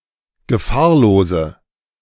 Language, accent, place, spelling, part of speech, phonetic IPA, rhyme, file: German, Germany, Berlin, gefahrlose, adjective, [ɡəˈfaːɐ̯loːzə], -aːɐ̯loːzə, De-gefahrlose.ogg
- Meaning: inflection of gefahrlos: 1. strong/mixed nominative/accusative feminine singular 2. strong nominative/accusative plural 3. weak nominative all-gender singular